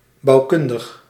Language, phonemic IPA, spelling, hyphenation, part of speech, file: Dutch, /ˌbɑu̯ˈkʏn.dəx/, bouwkundig, bouw‧kun‧dig, adjective, Nl-bouwkundig.ogg
- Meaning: architectural